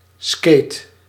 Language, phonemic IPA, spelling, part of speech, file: Dutch, /skeːt/, skate, noun / verb, Nl-skate.ogg
- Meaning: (noun) inline skate; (verb) inflection of skaten: 1. first-person singular present indicative 2. second-person singular present indicative 3. imperative 4. singular present subjunctive